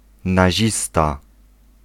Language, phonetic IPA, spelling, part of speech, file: Polish, [naˈʑista], nazista, noun, Pl-nazista.ogg